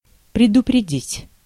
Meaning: 1. to warn, to let know beforehand 2. to forestall, to anticipate 3. to avert, to prevent
- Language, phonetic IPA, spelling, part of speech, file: Russian, [prʲɪdʊprʲɪˈdʲitʲ], предупредить, verb, Ru-предупредить.ogg